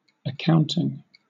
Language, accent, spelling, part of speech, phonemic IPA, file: English, Southern England, accounting, noun / verb, /əˈkaʊn.tɪŋ/, LL-Q1860 (eng)-accounting.wav
- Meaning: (noun) The development and use of a system for recording and analyzing the financial transactions and financial status of an individual or a business